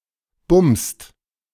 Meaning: inflection of bumsen: 1. second-person singular/plural present 2. third-person singular present 3. plural imperative
- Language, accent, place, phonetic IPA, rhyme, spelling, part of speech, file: German, Germany, Berlin, [bʊmst], -ʊmst, bumst, verb, De-bumst.ogg